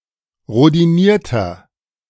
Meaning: inflection of rhodiniert: 1. strong/mixed nominative masculine singular 2. strong genitive/dative feminine singular 3. strong genitive plural
- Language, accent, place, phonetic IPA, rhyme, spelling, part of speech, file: German, Germany, Berlin, [ʁodiˈniːɐ̯tɐ], -iːɐ̯tɐ, rhodinierter, adjective, De-rhodinierter.ogg